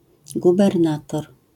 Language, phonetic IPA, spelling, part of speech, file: Polish, [ˌɡubɛrˈnatɔr], gubernator, noun, LL-Q809 (pol)-gubernator.wav